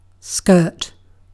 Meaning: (noun) A separate article of clothing, usually worn by women and girls, that hangs from the waist and covers the lower torso and part of the legs
- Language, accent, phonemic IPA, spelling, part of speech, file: English, UK, /skɜːt/, skirt, noun / verb, En-uk-skirt.ogg